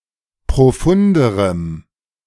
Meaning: strong dative masculine/neuter singular comparative degree of profund
- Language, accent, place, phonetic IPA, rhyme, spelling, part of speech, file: German, Germany, Berlin, [pʁoˈfʊndəʁəm], -ʊndəʁəm, profunderem, adjective, De-profunderem.ogg